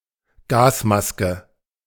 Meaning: gas mask (headgear)
- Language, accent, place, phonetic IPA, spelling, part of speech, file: German, Germany, Berlin, [ˈɡaːsˌmaskə], Gasmaske, noun, De-Gasmaske.ogg